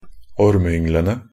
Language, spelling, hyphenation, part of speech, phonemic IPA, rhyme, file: Norwegian Bokmål, ormeynglene, orm‧e‧yng‧le‧ne, noun, /ɔɾməʏŋːlənə/, -ənə, Nb-ormeynglene.ogg
- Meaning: definite plural of ormeyngel